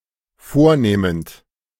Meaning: present participle of vornehmen
- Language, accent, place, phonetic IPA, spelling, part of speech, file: German, Germany, Berlin, [ˈfoːɐ̯ˌneːmənt], vornehmend, verb, De-vornehmend.ogg